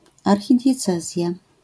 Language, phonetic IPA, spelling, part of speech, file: Polish, [ˌarxʲidʲjɛˈt͡sɛzʲja], archidiecezja, noun, LL-Q809 (pol)-archidiecezja.wav